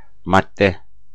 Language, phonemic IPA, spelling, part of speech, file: Turkish, /madːe/, madde, noun, Tur-madde.ogg
- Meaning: 1. article (section of a legal document) 2. material 3. matter